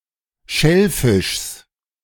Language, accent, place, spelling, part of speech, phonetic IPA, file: German, Germany, Berlin, Schellfischs, noun, [ˈʃɛlˌfɪʃs], De-Schellfischs.ogg
- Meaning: genitive singular of Schellfisch